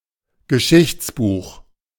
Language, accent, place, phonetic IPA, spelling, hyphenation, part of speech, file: German, Germany, Berlin, [ɡəˈʃɪçtsbuːx], Geschichtsbuch, Ge‧schichts‧buch, noun, De-Geschichtsbuch.ogg
- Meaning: history book